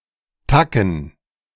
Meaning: 1. A bit, a tad, a degree, a level (in the context of “more” and “less”) 2. quid, bucks (a term for money)
- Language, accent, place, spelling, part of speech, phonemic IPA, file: German, Germany, Berlin, Tacken, noun, /ˈtakən/, De-Tacken.ogg